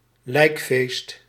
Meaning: a ceremony at the occasion of a funeral, a funeral feast
- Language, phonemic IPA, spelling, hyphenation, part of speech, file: Dutch, /ˈlɛi̯k.feːst/, lijkfeest, lijk‧feest, noun, Nl-lijkfeest.ogg